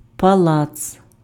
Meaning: palace
- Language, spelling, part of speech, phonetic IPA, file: Ukrainian, палац, noun, [pɐˈɫat͡s], Uk-палац.ogg